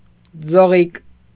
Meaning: 1. diminutive of ձող (joġ) 2. drinking straw
- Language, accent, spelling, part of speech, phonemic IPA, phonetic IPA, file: Armenian, Eastern Armenian, ձողիկ, noun, /d͡zoˈʁik/, [d͡zoʁík], Hy-ձողիկ.ogg